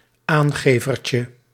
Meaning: diminutive of aangever
- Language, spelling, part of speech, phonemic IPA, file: Dutch, aangevertje, noun, /ˈaŋɣeˌvərcə/, Nl-aangevertje.ogg